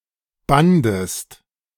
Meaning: second-person singular preterite of binden
- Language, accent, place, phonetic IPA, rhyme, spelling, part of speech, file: German, Germany, Berlin, [ˈbandəst], -andəst, bandest, verb, De-bandest.ogg